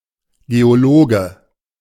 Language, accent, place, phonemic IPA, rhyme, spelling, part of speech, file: German, Germany, Berlin, /ˌɡeoˈloːɡə/, -oːɡə, Geologe, noun, De-Geologe.ogg
- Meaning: geologist (male or of unspecified gender)